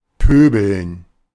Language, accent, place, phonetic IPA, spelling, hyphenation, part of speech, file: German, Germany, Berlin, [ˈpøːbl̩n], pöbeln, pö‧beln, verb, De-pöbeln.ogg
- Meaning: to swear